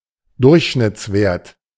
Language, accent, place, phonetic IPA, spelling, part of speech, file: German, Germany, Berlin, [ˈdʊʁçʃnɪt͡sˌveːɐ̯t], Durchschnittswert, noun, De-Durchschnittswert.ogg
- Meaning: mean, average